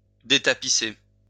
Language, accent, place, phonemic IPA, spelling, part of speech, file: French, France, Lyon, /de.ta.pi.se/, détapisser, verb, LL-Q150 (fra)-détapisser.wav
- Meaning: to strip (the wallpaper)